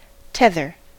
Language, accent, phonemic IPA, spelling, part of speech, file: English, US, /ˈtɛðəɹ/, tether, noun / verb, En-us-tether.ogg
- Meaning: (noun) 1. A rope, cable etc. that holds something in place whilst allowing some movement 2. The limit of one's abilities, resources, patience, etc 3. An attachment to a place, time, entity or person